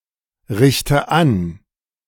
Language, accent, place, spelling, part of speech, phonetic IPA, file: German, Germany, Berlin, richte an, verb, [ˌʁɪçtə ˈan], De-richte an.ogg
- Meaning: inflection of anrichten: 1. first-person singular present 2. first/third-person singular subjunctive I 3. singular imperative